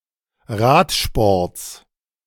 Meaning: genitive of Radsport
- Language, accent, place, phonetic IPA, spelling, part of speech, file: German, Germany, Berlin, [ˈʁaːtʃpɔʁt͡s], Radsports, noun, De-Radsports.ogg